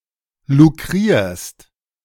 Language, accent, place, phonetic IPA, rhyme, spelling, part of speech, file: German, Germany, Berlin, [luˈkʁiːɐ̯st], -iːɐ̯st, lukrierst, verb, De-lukrierst.ogg
- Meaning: second-person singular present of lukrieren